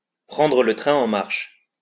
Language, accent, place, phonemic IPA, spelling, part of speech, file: French, France, Lyon, /pʁɑ̃.dʁə lə tʁɛ̃ ɑ̃ maʁʃ/, prendre le train en marche, verb, LL-Q150 (fra)-prendre le train en marche.wav
- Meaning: to jump on the bandwagon